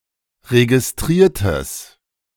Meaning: strong/mixed nominative/accusative neuter singular of registriert
- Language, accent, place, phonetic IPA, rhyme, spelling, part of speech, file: German, Germany, Berlin, [ʁeɡɪsˈtʁiːɐ̯təs], -iːɐ̯təs, registriertes, adjective, De-registriertes.ogg